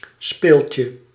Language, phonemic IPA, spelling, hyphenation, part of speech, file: Dutch, /ˈspeːl.tjə/, speeltje, speel‧tje, noun, Nl-speeltje.ogg
- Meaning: 1. a toy, a plaything 2. a game, a play 3. a theatre play 4. diminutive of spil